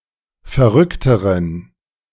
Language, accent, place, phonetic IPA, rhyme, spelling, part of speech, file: German, Germany, Berlin, [fɛɐ̯ˈʁʏktəʁən], -ʏktəʁən, verrückteren, adjective, De-verrückteren.ogg
- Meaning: inflection of verrückt: 1. strong genitive masculine/neuter singular comparative degree 2. weak/mixed genitive/dative all-gender singular comparative degree